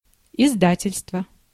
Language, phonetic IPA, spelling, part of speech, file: Russian, [ɪzˈdatʲɪlʲstvə], издательство, noun, Ru-издательство.ogg
- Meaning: publishing house, publisher